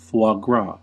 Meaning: The fattened liver of geese or ducks, used for gourmet cooking
- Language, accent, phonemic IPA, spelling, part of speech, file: English, US, /ˌfwɑ ˈɡɹɑ/, foie gras, noun, En-us-foie gras.ogg